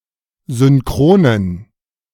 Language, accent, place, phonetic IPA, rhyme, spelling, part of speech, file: German, Germany, Berlin, [zʏnˈkʁoːnən], -oːnən, synchronen, adjective, De-synchronen.ogg
- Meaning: inflection of synchron: 1. strong genitive masculine/neuter singular 2. weak/mixed genitive/dative all-gender singular 3. strong/weak/mixed accusative masculine singular 4. strong dative plural